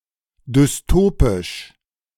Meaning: dystopic
- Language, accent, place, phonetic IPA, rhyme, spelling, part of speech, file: German, Germany, Berlin, [dʏsˈtoːpɪʃ], -oːpɪʃ, dystopisch, adjective, De-dystopisch.ogg